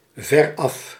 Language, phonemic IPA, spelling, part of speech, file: Dutch, /vɛˈrɑf/, veraf, adverb, Nl-veraf.ogg
- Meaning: far away, far off